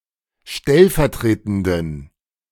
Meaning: inflection of stellvertretend: 1. strong genitive masculine/neuter singular 2. weak/mixed genitive/dative all-gender singular 3. strong/weak/mixed accusative masculine singular 4. strong dative plural
- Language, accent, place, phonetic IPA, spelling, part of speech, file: German, Germany, Berlin, [ˈʃtɛlfɛɐ̯ˌtʁeːtn̩dən], stellvertretenden, adjective, De-stellvertretenden.ogg